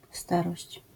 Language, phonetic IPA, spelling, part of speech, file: Polish, [ˈstarɔɕt͡ɕ], starość, noun, LL-Q809 (pol)-starość.wav